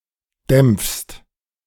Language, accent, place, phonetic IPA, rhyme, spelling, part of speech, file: German, Germany, Berlin, [dɛmp͡fst], -ɛmp͡fst, dämpfst, verb, De-dämpfst.ogg
- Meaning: second-person singular present of dämpfen